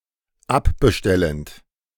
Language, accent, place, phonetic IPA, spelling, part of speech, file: German, Germany, Berlin, [ˈapbəˌʃtɛlənt], abbestellend, verb, De-abbestellend.ogg
- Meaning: present participle of abbestellen